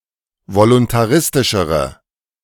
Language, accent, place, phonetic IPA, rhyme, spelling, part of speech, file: German, Germany, Berlin, [volʊntaˈʁɪstɪʃəʁə], -ɪstɪʃəʁə, voluntaristischere, adjective, De-voluntaristischere.ogg
- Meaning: inflection of voluntaristisch: 1. strong/mixed nominative/accusative feminine singular comparative degree 2. strong nominative/accusative plural comparative degree